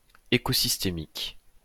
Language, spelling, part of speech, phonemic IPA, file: French, écosystémique, adjective, /e.ko.sis.te.mik/, LL-Q150 (fra)-écosystémique.wav
- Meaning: ecosystemic